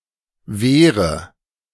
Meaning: inflection of wehren: 1. first-person singular present 2. first/third-person singular subjunctive I 3. singular imperative
- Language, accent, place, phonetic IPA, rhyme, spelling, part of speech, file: German, Germany, Berlin, [ˈveːʁə], -eːʁə, wehre, verb, De-wehre.ogg